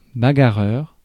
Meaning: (adjective) quarrelsome, pugnacious, rowdy; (noun) brawler, battler
- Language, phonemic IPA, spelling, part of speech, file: French, /ba.ɡa.ʁœʁ/, bagarreur, adjective / noun, Fr-bagarreur.ogg